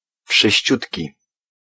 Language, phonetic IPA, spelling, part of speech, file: Polish, [fʃɨɕˈt͡ɕutʲci], wszyściutki, adjective, Pl-wszyściutki.ogg